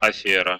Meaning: speculation, fraud, shady deal
- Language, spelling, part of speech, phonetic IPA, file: Russian, афера, noun, [ɐˈfʲerə], Ru-афе́ра.ogg